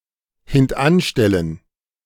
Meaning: to put back, to order into a posterior position
- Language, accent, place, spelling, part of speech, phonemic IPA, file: German, Germany, Berlin, hintanstellen, verb, /hɪntˈʔanˌʃtɛlən/, De-hintanstellen.ogg